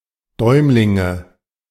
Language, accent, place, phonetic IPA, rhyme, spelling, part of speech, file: German, Germany, Berlin, [ˈdɔɪ̯mlɪŋə], -ɔɪ̯mlɪŋə, Däumlinge, noun, De-Däumlinge.ogg
- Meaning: nominative/accusative/genitive plural of Däumling